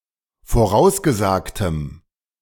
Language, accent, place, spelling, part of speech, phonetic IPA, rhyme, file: German, Germany, Berlin, vorausgesagtem, adjective, [foˈʁaʊ̯sɡəˌzaːktəm], -aʊ̯sɡəzaːktəm, De-vorausgesagtem.ogg
- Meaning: strong dative masculine/neuter singular of vorausgesagt